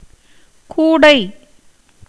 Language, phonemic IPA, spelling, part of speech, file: Tamil, /kuːɖɐɪ̯/, கூடை, noun, Ta-கூடை.ogg
- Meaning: 1. basket, bag 2. the circular hoop the ball goes in 3. palm-leaf cover worn over a person, as a protection from rain